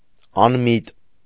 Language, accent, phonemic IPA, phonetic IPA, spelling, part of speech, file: Armenian, Eastern Armenian, /ɑnˈmit/, [ɑnmít], անմիտ, adjective, Hy-անմիտ.ogg
- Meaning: 1. mindless, brainless, empty 2. foolish, stupid 3. unthinking, thoughtless, vacuous 4. pointless, senseless, futile 5. irrational, unreasonable, unintelligent